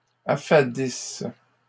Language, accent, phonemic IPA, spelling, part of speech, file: French, Canada, /a.fa.dis/, affadissent, verb, LL-Q150 (fra)-affadissent.wav
- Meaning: inflection of affadir: 1. third-person plural present indicative/subjunctive 2. third-person plural imperfect subjunctive